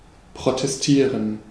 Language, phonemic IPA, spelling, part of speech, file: German, /pʁotɛsˈtiːʁən/, protestieren, verb, De-protestieren.ogg
- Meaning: 1. to protest (to make a strong objection) 2. to protest (to make a strong objection): to protest (to hold a rally or public protest against something)